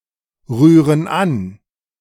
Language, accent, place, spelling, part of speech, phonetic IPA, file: German, Germany, Berlin, rühren an, verb, [ˌʁyːʁən ˈan], De-rühren an.ogg
- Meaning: inflection of anrühren: 1. first/third-person plural present 2. first/third-person plural subjunctive I